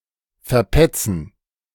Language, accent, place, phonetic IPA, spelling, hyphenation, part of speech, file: German, Germany, Berlin, [fɛɐ̯ˈpɛt͡sn̩], verpetzen, ver‧pet‧zen, verb, De-verpetzen.ogg
- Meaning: to tattle on, to tell on, to snitch on